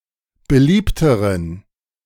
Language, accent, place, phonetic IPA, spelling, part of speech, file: German, Germany, Berlin, [bəˈliːptəʁən], beliebteren, adjective, De-beliebteren.ogg
- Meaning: inflection of beliebt: 1. strong genitive masculine/neuter singular comparative degree 2. weak/mixed genitive/dative all-gender singular comparative degree